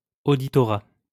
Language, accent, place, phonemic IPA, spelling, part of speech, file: French, France, Lyon, /o.di.tɔ.ʁa/, auditorat, noun, LL-Q150 (fra)-auditorat.wav
- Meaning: auditorship